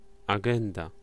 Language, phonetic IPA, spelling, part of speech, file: Polish, [aˈɡɛ̃nda], agenda, noun, Pl-agenda.ogg